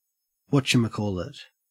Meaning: A metasyntactic term used for any object whose actual name the speaker does not know or cannot remember; a doodad, gizmo, thingamajig, thingy
- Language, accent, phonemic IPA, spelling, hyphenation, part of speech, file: English, Australia, /ˈwɔtʃəməˌkɔːɫət/, whatchamacallit, what‧cha‧ma‧call‧it, noun, En-au-whatchamacallit.ogg